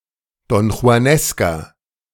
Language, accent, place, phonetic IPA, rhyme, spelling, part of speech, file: German, Germany, Berlin, [dɔnxu̯aˈnɛskɐ], -ɛskɐ, donjuanesker, adjective, De-donjuanesker.ogg
- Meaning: inflection of donjuanesk: 1. strong/mixed nominative masculine singular 2. strong genitive/dative feminine singular 3. strong genitive plural